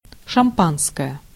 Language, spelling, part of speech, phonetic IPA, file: Russian, шампанское, noun, [ʂɐmˈpanskəjə], Ru-шампанское.ogg
- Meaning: champagne